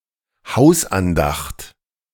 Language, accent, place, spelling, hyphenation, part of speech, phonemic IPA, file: German, Germany, Berlin, Hausandacht, Haus‧an‧dacht, noun, /ˈhaʊ̯sʔanˌdaxt/, De-Hausandacht.ogg
- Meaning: family worship, family prayer